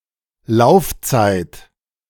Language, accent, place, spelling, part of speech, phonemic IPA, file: German, Germany, Berlin, Laufzeit, noun, /ˈlaʊ̯ftsaɪ̯t/, De-Laufzeit.ogg
- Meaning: 1. delay 2. run time 3. operating life 4. period of validity